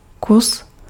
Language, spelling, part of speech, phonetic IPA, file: Czech, kus, noun, [ˈkus], Cs-kus.ogg
- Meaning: 1. piece (either "part" or as a counter word) 2. chunk